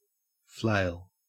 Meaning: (noun) A tool used for threshing, consisting of a long handle (handstock) with a shorter stick (swipple or swingle) attached with a short piece of chain, thong or similar material
- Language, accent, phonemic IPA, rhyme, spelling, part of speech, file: English, Australia, /fleɪl/, -eɪl, flail, noun / verb, En-au-flail.ogg